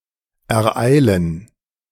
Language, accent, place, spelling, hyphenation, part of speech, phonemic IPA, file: German, Germany, Berlin, ereilen, er‧ei‧len, verb, /ɛɐ̯ˈʔaɪ̯lən/, De-ereilen.ogg
- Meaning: to befall, overtake